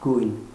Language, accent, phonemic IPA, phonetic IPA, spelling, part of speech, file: Armenian, Eastern Armenian, /ɡujn/, [ɡujn], գույն, noun, Hy-գույն.ogg
- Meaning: color